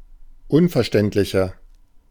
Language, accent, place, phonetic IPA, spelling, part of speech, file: German, Germany, Berlin, [ˈʊnfɛɐ̯ˌʃtɛntlɪçɐ], unverständlicher, adjective, De-unverständlicher.ogg
- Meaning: 1. comparative degree of unverständlich 2. inflection of unverständlich: strong/mixed nominative masculine singular 3. inflection of unverständlich: strong genitive/dative feminine singular